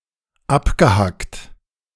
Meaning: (verb) past participle of abhacken; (adjective) 1. chopped off, hacked off 2. choppy (way of moving, etc) 3. clipped (way of speaking, screaming, etc)
- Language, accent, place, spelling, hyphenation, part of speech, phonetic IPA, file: German, Germany, Berlin, abgehackt, ab‧ge‧hackt, verb / adjective, [ˈapɡəhakt], De-abgehackt.ogg